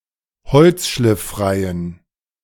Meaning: inflection of holzschlifffrei: 1. strong genitive masculine/neuter singular 2. weak/mixed genitive/dative all-gender singular 3. strong/weak/mixed accusative masculine singular 4. strong dative plural
- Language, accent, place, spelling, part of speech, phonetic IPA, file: German, Germany, Berlin, holzschlifffreien, adjective, [ˈhɔlt͡sʃlɪfˌfʁaɪ̯ən], De-holzschlifffreien.ogg